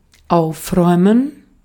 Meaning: to tidy up
- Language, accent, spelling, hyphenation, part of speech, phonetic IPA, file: German, Austria, aufräumen, auf‧räu‧men, verb, [ˈʔaʊ̯fʁɔʏ̯mən], De-at-aufräumen.ogg